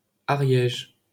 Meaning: 1. Ariège (a department of Occitania, France) 2. Ariège (a right tributary of the Garonne in the departments of Ariège and Haute-Garonne, Occitania, France)
- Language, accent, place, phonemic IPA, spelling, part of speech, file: French, France, Paris, /a.ʁjɛʒ/, Ariège, proper noun, LL-Q150 (fra)-Ariège.wav